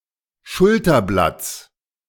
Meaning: genitive singular of Schulterblatt
- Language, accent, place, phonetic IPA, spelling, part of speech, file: German, Germany, Berlin, [ˈʃʊltɐˌblat͡s], Schulterblatts, noun, De-Schulterblatts.ogg